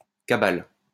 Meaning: cabal
- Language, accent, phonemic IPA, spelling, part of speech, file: French, France, /ka.bal/, cabale, noun, LL-Q150 (fra)-cabale.wav